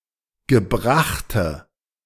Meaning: inflection of gebracht: 1. strong/mixed nominative/accusative feminine singular 2. strong nominative/accusative plural 3. weak nominative all-gender singular
- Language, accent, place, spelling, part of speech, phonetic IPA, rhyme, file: German, Germany, Berlin, gebrachte, adjective, [ɡəˈbʁaxtə], -axtə, De-gebrachte.ogg